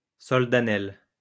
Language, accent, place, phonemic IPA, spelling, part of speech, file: French, France, Lyon, /sɔl.da.nɛl/, soldanelle, noun, LL-Q150 (fra)-soldanelle.wav
- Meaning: snowbell, any plant of the genus Soldanella